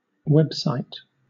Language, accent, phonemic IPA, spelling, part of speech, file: English, Southern England, /ˈwɛb(ˌ)saɪt/, website, noun, LL-Q1860 (eng)-website.wav
- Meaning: A collection of interlinked web pages on the World Wide Web that are typically accessible from the same base URL and reside on the same server